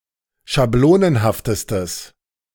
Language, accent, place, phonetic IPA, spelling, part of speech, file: German, Germany, Berlin, [ʃaˈbloːnənhaftəstəs], schablonenhaftestes, adjective, De-schablonenhaftestes.ogg
- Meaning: strong/mixed nominative/accusative neuter singular superlative degree of schablonenhaft